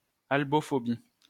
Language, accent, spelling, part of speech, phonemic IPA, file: French, France, albophobie, noun, /al.bɔ.fɔ.bi/, LL-Q150 (fra)-albophobie.wav
- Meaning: fear of Caucasian people and their descendants